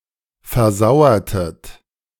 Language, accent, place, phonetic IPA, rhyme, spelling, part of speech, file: German, Germany, Berlin, [fɛɐ̯ˈzaʊ̯ɐtət], -aʊ̯ɐtət, versauertet, verb, De-versauertet.ogg
- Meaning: inflection of versauern: 1. second-person plural preterite 2. second-person plural subjunctive II